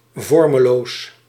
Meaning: amorphous, shapeless
- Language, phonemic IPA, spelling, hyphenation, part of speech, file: Dutch, /ˈvɔrməˌlos/, vormeloos, vor‧me‧loos, adjective, Nl-vormeloos.ogg